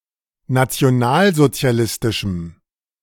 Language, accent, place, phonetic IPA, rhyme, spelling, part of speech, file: German, Germany, Berlin, [nat͡si̯oˈnaːlzot͡si̯aˌlɪstɪʃm̩], -aːlzot͡si̯alɪstɪʃm̩, nationalsozialistischem, adjective, De-nationalsozialistischem.ogg
- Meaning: strong dative masculine/neuter singular of nationalsozialistisch